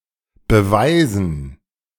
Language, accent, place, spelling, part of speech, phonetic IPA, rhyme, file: German, Germany, Berlin, Beweisen, noun, [bəˈvaɪ̯zn̩], -aɪ̯zn̩, De-Beweisen.ogg
- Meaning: dative plural of Beweis